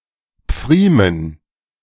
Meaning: dative plural of Pfriem
- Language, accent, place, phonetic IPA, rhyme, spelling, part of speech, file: German, Germany, Berlin, [ˈp͡fʁiːmən], -iːmən, Pfriemen, noun, De-Pfriemen.ogg